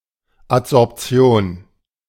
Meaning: adsorption
- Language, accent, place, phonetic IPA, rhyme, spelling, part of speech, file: German, Germany, Berlin, [ˌatzɔʁpˈt͡si̯oːn], -oːn, Adsorption, noun, De-Adsorption.ogg